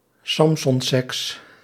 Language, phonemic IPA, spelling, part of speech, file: Dutch, /ˈsɑmsɔmˌsɛks/, samsonseks, noun, Nl-samsonseks.ogg
- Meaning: parents' undisturbed sex (sexual activity) while their children are occupied by a television show or movie (e.g. Samson & Gert)